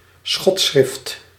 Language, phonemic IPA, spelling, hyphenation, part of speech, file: Dutch, /ˈsxɔt.sxrɪft/, schotschrift, schot‧schrift, noun, Nl-schotschrift.ogg
- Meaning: a hateful or libelous polemical pamphlet